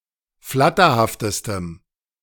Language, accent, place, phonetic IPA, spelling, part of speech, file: German, Germany, Berlin, [ˈflatɐhaftəstəm], flatterhaftestem, adjective, De-flatterhaftestem.ogg
- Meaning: strong dative masculine/neuter singular superlative degree of flatterhaft